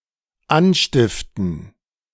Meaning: 1. to incite, to encourage (someone to commit some misdeed or crime) 2. to cause, to bring about, to provoke (a negative outcome or act)
- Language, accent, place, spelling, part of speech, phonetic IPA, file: German, Germany, Berlin, anstiften, verb, [ˈanˌʃtɪftn̩], De-anstiften.ogg